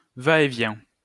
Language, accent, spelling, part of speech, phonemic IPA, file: French, France, va-et-vient, noun, /va.e.vjɛ̃/, LL-Q150 (fra)-va-et-vient.wav
- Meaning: 1. comings and goings, toing and froing 2. back and forth, in and out, up and down, to and fro 3. two-way switch